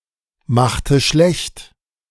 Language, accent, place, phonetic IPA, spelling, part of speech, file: German, Germany, Berlin, [ˌmaxtə ˈʃlɛçt], machte schlecht, verb, De-machte schlecht.ogg
- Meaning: inflection of schlechtmachen: 1. first/third-person singular preterite 2. first/third-person singular subjunctive II